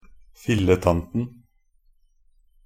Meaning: definite masculine singular of filletante
- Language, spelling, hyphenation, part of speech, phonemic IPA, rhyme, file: Norwegian Bokmål, filletanten, fil‧le‧tan‧ten, noun, /fɪlːətantən/, -ən, Nb-filletanten.ogg